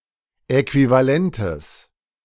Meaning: genitive singular of Äquivalent
- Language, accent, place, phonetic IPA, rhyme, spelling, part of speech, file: German, Germany, Berlin, [ɛkvivaˈlɛntəs], -ɛntəs, Äquivalentes, noun, De-Äquivalentes.ogg